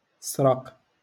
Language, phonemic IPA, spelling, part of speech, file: Moroccan Arabic, /sraq/, سرق, verb, LL-Q56426 (ary)-سرق.wav
- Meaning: to steal